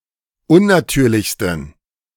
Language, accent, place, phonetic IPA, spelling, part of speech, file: German, Germany, Berlin, [ˈʊnnaˌtyːɐ̯lɪçstn̩], unnatürlichsten, adjective, De-unnatürlichsten.ogg
- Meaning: 1. superlative degree of unnatürlich 2. inflection of unnatürlich: strong genitive masculine/neuter singular superlative degree